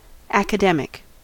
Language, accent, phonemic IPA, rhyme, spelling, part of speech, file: English, US, /ˌæk.əˈdɛm.ɪk/, -ɛmɪk, academic, adjective / noun, En-us-academic.ogg
- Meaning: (adjective) 1. Belonging to the school or philosophy of Plato 2. Belonging to an academy or other higher institution of learning, or a scholarly society or organization